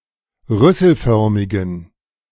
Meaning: inflection of rüsselförmig: 1. strong genitive masculine/neuter singular 2. weak/mixed genitive/dative all-gender singular 3. strong/weak/mixed accusative masculine singular 4. strong dative plural
- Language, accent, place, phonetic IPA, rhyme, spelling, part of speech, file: German, Germany, Berlin, [ˈʁʏsl̩ˌfœʁmɪɡn̩], -ʏsl̩fœʁmɪɡn̩, rüsselförmigen, adjective, De-rüsselförmigen.ogg